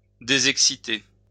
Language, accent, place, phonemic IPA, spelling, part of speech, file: French, France, Lyon, /de.zɛk.si.te/, désexciter, verb, LL-Q150 (fra)-désexciter.wav
- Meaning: to deexcite